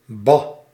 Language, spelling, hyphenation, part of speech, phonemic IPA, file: Dutch, bah, bah, interjection, /bɑ/, Nl-bah.ogg
- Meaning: An exclamation of disapproval, contempt or disgust: bah, yuck